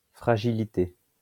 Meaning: fragility
- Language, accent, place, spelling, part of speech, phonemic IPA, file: French, France, Lyon, fragilité, noun, /fʁa.ʒi.li.te/, LL-Q150 (fra)-fragilité.wav